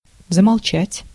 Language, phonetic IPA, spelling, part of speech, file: Russian, [zəmɐɫˈt͡ɕætʲ], замолчать, verb, Ru-замолчать.ogg
- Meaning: 1. to become / fall silent, to stop / cease (speaking / talking), to break off 2. to conceal, to keep secret, to cover up, to slur over, to veil, to hush up, to suppress